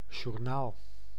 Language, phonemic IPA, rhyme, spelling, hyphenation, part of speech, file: Dutch, /ʒurˈnaːl/, -aːl, journaal, jour‧naal, noun, Nl-journaal.ogg
- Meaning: 1. a TV or radio news program 2. a logbook of a ship 3. a notebook for accounting